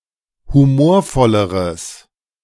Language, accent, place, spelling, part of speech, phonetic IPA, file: German, Germany, Berlin, humorvolleres, adjective, [huˈmoːɐ̯ˌfɔləʁəs], De-humorvolleres.ogg
- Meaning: strong/mixed nominative/accusative neuter singular comparative degree of humorvoll